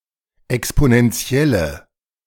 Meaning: inflection of exponentiell: 1. strong/mixed nominative/accusative feminine singular 2. strong nominative/accusative plural 3. weak nominative all-gender singular
- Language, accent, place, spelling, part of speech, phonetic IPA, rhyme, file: German, Germany, Berlin, exponentielle, adjective, [ɛksponɛnˈt͡si̯ɛlə], -ɛlə, De-exponentielle.ogg